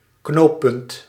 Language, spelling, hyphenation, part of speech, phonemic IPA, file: Dutch, knooppunt, knoop‧punt, noun, /ˈknoːpʏnt/, Nl-knooppunt.ogg
- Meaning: 1. interchange (grade-separated infrastructure junction) 2. any infrastructure junction